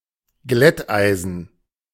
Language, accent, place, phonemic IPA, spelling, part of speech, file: German, Germany, Berlin, /ˈɡlɛtˌʔaɪ̯zn̩/, Glätteisen, noun, De-Glätteisen.ogg
- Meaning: 1. straightener (for hair) 2. iron (for pressing clothes)